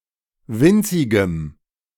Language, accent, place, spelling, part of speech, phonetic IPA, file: German, Germany, Berlin, winzigem, adjective, [ˈvɪnt͡sɪɡəm], De-winzigem.ogg
- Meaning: strong dative masculine/neuter singular of winzig